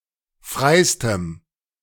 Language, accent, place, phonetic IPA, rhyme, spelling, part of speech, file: German, Germany, Berlin, [ˈfʁaɪ̯stəm], -aɪ̯stəm, freistem, adjective, De-freistem.ogg
- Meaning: strong dative masculine/neuter singular superlative degree of frei